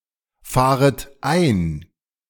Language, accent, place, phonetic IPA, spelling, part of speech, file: German, Germany, Berlin, [ˌfaːʁət ˈaɪ̯n], fahret ein, verb, De-fahret ein.ogg
- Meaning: second-person plural subjunctive I of einfahren